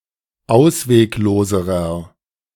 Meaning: inflection of ausweglos: 1. strong/mixed nominative masculine singular comparative degree 2. strong genitive/dative feminine singular comparative degree 3. strong genitive plural comparative degree
- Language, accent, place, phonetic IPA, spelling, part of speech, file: German, Germany, Berlin, [ˈaʊ̯sveːkˌloːzəʁɐ], auswegloserer, adjective, De-auswegloserer.ogg